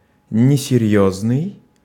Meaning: 1. unserious, not serious, light-headed, frivolous 2. unfounded 3. unimportant, insignificant
- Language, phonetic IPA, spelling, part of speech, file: Russian, [nʲɪsʲɪˈrʲjɵznɨj], несерьёзный, adjective, Ru-несерьёзный.ogg